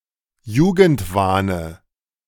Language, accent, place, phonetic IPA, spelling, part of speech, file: German, Germany, Berlin, [ˈjuːɡn̩tˌvaːnə], Jugendwahne, noun, De-Jugendwahne.ogg
- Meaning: dative singular of Jugendwahn